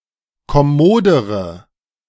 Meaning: inflection of kommod: 1. strong/mixed nominative/accusative feminine singular comparative degree 2. strong nominative/accusative plural comparative degree
- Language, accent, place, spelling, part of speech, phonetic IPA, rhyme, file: German, Germany, Berlin, kommodere, adjective, [kɔˈmoːdəʁə], -oːdəʁə, De-kommodere.ogg